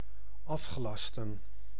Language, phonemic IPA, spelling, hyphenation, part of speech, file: Dutch, /ˈɑf.xəˌlɑs.tə(n)/, afgelasten, af‧ge‧las‧ten, verb, Nl-afgelasten.ogg
- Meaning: to cancel, nullify